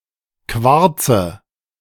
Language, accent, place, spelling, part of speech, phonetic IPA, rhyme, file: German, Germany, Berlin, quarze, verb, [ˈkvaʁt͡sə], -aʁt͡sə, De-quarze.ogg
- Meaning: inflection of quarzen: 1. first-person singular present 2. first/third-person singular subjunctive I 3. singular imperative